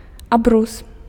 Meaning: tablecloth
- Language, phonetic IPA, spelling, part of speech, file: Belarusian, [aˈbrus], абрус, noun, Be-абрус.ogg